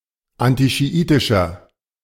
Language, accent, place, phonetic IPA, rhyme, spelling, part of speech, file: German, Germany, Berlin, [ˌantiʃiˈʔiːtɪʃɐ], -iːtɪʃɐ, antischiitischer, adjective, De-antischiitischer.ogg
- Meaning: inflection of antischiitisch: 1. strong/mixed nominative masculine singular 2. strong genitive/dative feminine singular 3. strong genitive plural